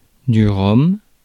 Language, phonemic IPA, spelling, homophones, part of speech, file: French, /ʁɔm/, rhum, Rome / ROM, noun, Fr-rhum.ogg
- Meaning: rum